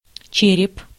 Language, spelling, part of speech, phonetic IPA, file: Russian, череп, noun, [ˈt͡ɕerʲɪp], Ru-череп.ogg
- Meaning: 1. skull, cranium 2. crust